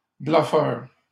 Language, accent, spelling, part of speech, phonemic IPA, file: French, Canada, bluffeurs, noun, /blœ.fœʁ/, LL-Q150 (fra)-bluffeurs.wav
- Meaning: plural of bluffeur